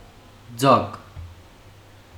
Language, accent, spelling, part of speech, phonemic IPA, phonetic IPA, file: Armenian, Western Armenian, ծակ, noun / adjective, /d͡zɑɡ/, [d͡zɑɡ], HyW-ծակ.ogg
- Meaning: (noun) 1. hole; opening; aperture 2. breach, gap 3. cunt, pussy, twat; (adjective) 1. having a hole, perforated, holed 2. fake, low-quality